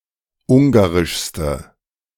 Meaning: inflection of ungarisch: 1. strong/mixed nominative/accusative feminine singular superlative degree 2. strong nominative/accusative plural superlative degree
- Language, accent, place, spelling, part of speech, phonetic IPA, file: German, Germany, Berlin, ungarischste, adjective, [ˈʊŋɡaʁɪʃstə], De-ungarischste.ogg